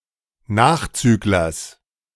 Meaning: genitive singular of Nachzügler
- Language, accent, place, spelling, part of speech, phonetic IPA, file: German, Germany, Berlin, Nachzüglers, noun, [ˈnaːxˌt͡syːklɐs], De-Nachzüglers.ogg